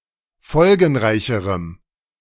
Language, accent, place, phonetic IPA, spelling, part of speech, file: German, Germany, Berlin, [ˈfɔlɡn̩ˌʁaɪ̯çəʁəm], folgenreicherem, adjective, De-folgenreicherem.ogg
- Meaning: strong dative masculine/neuter singular comparative degree of folgenreich